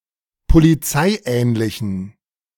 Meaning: inflection of polizeiähnlich: 1. strong genitive masculine/neuter singular 2. weak/mixed genitive/dative all-gender singular 3. strong/weak/mixed accusative masculine singular 4. strong dative plural
- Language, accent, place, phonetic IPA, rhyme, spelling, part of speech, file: German, Germany, Berlin, [poliˈt͡saɪ̯ˌʔɛːnlɪçn̩], -aɪ̯ʔɛːnlɪçn̩, polizeiähnlichen, adjective, De-polizeiähnlichen.ogg